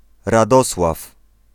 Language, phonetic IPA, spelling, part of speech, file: Polish, [raˈdɔswaf], Radosław, proper noun, Pl-Radosław.ogg